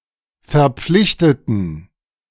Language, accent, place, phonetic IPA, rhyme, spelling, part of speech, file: German, Germany, Berlin, [fɛɐ̯ˈp͡flɪçtətn̩], -ɪçtətn̩, verpflichteten, adjective / verb, De-verpflichteten.ogg
- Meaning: inflection of verpflichtet: 1. strong genitive masculine/neuter singular 2. weak/mixed genitive/dative all-gender singular 3. strong/weak/mixed accusative masculine singular 4. strong dative plural